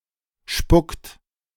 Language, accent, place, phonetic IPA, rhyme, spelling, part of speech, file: German, Germany, Berlin, [ʃpʊkt], -ʊkt, spuckt, verb, De-spuckt.ogg
- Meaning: inflection of spucken: 1. third-person singular present 2. second-person plural present 3. plural imperative